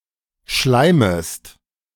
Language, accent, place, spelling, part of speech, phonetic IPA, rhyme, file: German, Germany, Berlin, schleimest, verb, [ˈʃlaɪ̯məst], -aɪ̯məst, De-schleimest.ogg
- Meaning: second-person singular subjunctive I of schleimen